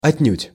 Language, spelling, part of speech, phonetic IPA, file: Russian, отнюдь, adverb, [ɐtʲˈnʲʉtʲ], Ru-отнюдь.ogg
- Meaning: 1. not at all, by no means 2. totally, completely